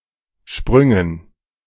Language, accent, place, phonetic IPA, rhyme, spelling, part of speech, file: German, Germany, Berlin, [ˈʃpʁʏŋən], -ʏŋən, Sprüngen, noun, De-Sprüngen.ogg
- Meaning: dative plural of Sprung